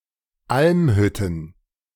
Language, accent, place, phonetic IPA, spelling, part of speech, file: German, Germany, Berlin, [ˈʔalmˌhʏtn̩], Almhütten, noun, De-Almhütten.ogg
- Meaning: plural of Almhütte